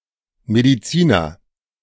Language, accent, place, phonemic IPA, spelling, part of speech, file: German, Germany, Berlin, /ˌmediˈt͡siːnɐ/, Mediziner, noun, De-Mediziner.ogg
- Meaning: doctor, physician (male or of unspecified gender)